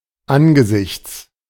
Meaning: 1. at the sight of 2. in view of, in the face of
- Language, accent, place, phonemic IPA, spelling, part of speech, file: German, Germany, Berlin, /ˈʔanɡəzɪçts/, angesichts, preposition, De-angesichts.ogg